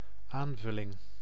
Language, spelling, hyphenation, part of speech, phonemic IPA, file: Dutch, aanvulling, aan‧vul‧ling, noun, /ˈaːn.vʏ.lɪŋ/, Nl-aanvulling.ogg
- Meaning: supplement, addition, replenishment